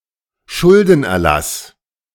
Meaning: debt relief
- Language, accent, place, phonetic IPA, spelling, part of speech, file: German, Germany, Berlin, [ˈʃʊldn̩ʔɛɐ̯ˌlas], Schuldenerlass, noun, De-Schuldenerlass.ogg